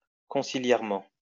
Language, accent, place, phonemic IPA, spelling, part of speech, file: French, France, Lyon, /kɔ̃.si.ljɛʁ.mɑ̃/, conciliairement, adverb, LL-Q150 (fra)-conciliairement.wav
- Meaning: conciliarly